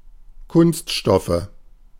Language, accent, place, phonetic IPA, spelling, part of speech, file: German, Germany, Berlin, [ˈkʊnstˌʃtɔfə], Kunststoffe, noun, De-Kunststoffe.ogg
- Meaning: genitive singular of Kunststoff